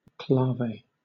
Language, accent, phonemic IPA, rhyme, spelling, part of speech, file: English, Southern England, /ˈklɑːveɪ/, -ɑːveɪ, clave, noun, LL-Q1860 (eng)-clave.wav
- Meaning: 1. singular of claves 2. A characteristic pattern of beats, especially the 3-2 son clave